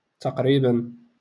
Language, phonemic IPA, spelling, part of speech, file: Moroccan Arabic, /taq.riː.ban/, تقريبا, adverb, LL-Q56426 (ary)-تقريبا.wav
- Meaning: approximately